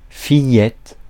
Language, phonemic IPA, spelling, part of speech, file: French, /fi.jɛt/, fillette, noun, Fr-fillette.ogg
- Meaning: 1. a little girl 2. a little daughter